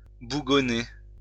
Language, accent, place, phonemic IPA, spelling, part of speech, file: French, France, Lyon, /bu.ɡɔ.ne/, bougonner, verb, LL-Q150 (fra)-bougonner.wav
- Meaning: 1. to grumble (complain) 2. to sulk